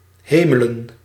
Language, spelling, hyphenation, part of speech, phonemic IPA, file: Dutch, hemelen, he‧me‧len, verb / noun, /ˈɦeː.mə.lə(n)/, Nl-hemelen.ogg
- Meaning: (verb) 1. to hide, to remove 2. to fix, to repair 3. to die, with the implication of going to heaven; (noun) plural of hemel